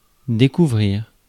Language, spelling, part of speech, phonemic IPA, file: French, découvrir, verb, /de.ku.vʁiʁ/, Fr-découvrir.ogg
- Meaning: 1. to discover 2. to show, to reveal 3. to leave uncovered, to expose 4. to leave unprotected, to expose